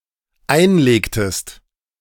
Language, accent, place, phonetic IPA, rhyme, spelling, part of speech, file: German, Germany, Berlin, [ˈaɪ̯nˌleːktəst], -aɪ̯nleːktəst, einlegtest, verb, De-einlegtest.ogg
- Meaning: inflection of einlegen: 1. second-person singular dependent preterite 2. second-person singular dependent subjunctive II